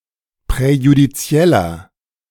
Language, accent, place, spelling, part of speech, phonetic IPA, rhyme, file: German, Germany, Berlin, präjudizieller, adjective, [pʁɛjudiˈt͡si̯ɛlɐ], -ɛlɐ, De-präjudizieller.ogg
- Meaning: inflection of präjudiziell: 1. strong/mixed nominative masculine singular 2. strong genitive/dative feminine singular 3. strong genitive plural